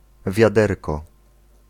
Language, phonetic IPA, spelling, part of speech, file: Polish, [vʲjaˈdɛrkɔ], wiaderko, noun, Pl-wiaderko.ogg